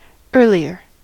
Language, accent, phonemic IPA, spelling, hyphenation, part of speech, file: English, US, /ˈɝliɚ/, earlier, ear‧li‧er, adjective / adverb, En-us-earlier.ogg
- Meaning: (adjective) 1. comparative form of early: more early 2. occurring previously; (adverb) previously; before now; sooner